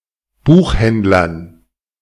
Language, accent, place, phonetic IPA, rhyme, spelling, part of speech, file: German, Germany, Berlin, [ˈbuːxˌhɛndlɐn], -uːxhɛndlɐn, Buchhändlern, noun, De-Buchhändlern.ogg
- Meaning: dative plural of Buchhändler